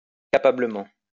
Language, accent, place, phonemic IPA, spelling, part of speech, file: French, France, Lyon, /ka.pa.blə.mɑ̃/, capablement, adverb, LL-Q150 (fra)-capablement.wav
- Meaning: capably